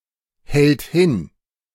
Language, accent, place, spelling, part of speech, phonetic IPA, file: German, Germany, Berlin, hält hin, verb, [ˌhɛlt ˈhɪn], De-hält hin.ogg
- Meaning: third-person singular present of hinhalten